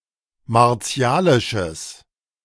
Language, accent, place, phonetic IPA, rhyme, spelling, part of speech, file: German, Germany, Berlin, [maʁˈt͡si̯aːlɪʃəs], -aːlɪʃəs, martialisches, adjective, De-martialisches.ogg
- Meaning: strong/mixed nominative/accusative neuter singular of martialisch